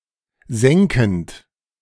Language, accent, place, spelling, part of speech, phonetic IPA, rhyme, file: German, Germany, Berlin, senkend, verb, [ˈzɛŋkn̩t], -ɛŋkn̩t, De-senkend.ogg
- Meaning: present participle of senken